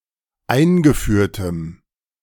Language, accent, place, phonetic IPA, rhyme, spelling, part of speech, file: German, Germany, Berlin, [ˈaɪ̯nɡəˌfyːɐ̯təm], -aɪ̯nɡəfyːɐ̯təm, eingeführtem, adjective, De-eingeführtem.ogg
- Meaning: strong dative masculine/neuter singular of eingeführt